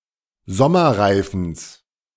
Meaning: genitive singular of Sommerreifen
- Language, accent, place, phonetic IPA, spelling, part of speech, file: German, Germany, Berlin, [ˈzɔmɐˌʁaɪ̯fn̩s], Sommerreifens, noun, De-Sommerreifens.ogg